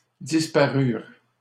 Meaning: third-person plural past historic of disparaître
- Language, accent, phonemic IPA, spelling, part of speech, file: French, Canada, /dis.pa.ʁyʁ/, disparurent, verb, LL-Q150 (fra)-disparurent.wav